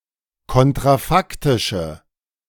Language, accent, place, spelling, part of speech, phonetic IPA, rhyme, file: German, Germany, Berlin, kontrafaktische, adjective, [ˌkɔntʁaˈfaktɪʃə], -aktɪʃə, De-kontrafaktische.ogg
- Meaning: inflection of kontrafaktisch: 1. strong/mixed nominative/accusative feminine singular 2. strong nominative/accusative plural 3. weak nominative all-gender singular